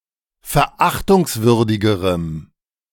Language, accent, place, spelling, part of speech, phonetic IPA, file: German, Germany, Berlin, verachtungswürdigerem, adjective, [fɛɐ̯ˈʔaxtʊŋsˌvʏʁdɪɡəʁəm], De-verachtungswürdigerem.ogg
- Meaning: strong dative masculine/neuter singular comparative degree of verachtungswürdig